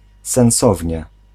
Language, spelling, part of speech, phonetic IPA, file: Polish, sensownie, adverb, [sɛ̃w̃ˈsɔvʲɲɛ], Pl-sensownie.ogg